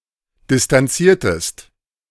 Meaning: inflection of distanzieren: 1. second-person singular preterite 2. second-person singular subjunctive II
- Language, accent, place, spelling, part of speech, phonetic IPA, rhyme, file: German, Germany, Berlin, distanziertest, verb, [dɪstanˈt͡siːɐ̯təst], -iːɐ̯təst, De-distanziertest.ogg